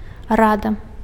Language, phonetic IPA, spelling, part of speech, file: Belarusian, [ˈrada], рада, noun, Be-рада.ogg
- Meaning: 1. council 2. rada, Rada 3. advice, counsel